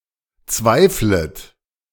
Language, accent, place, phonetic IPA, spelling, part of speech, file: German, Germany, Berlin, [ˈt͡svaɪ̯flət], zweiflet, verb, De-zweiflet.ogg
- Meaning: second-person plural subjunctive I of zweifeln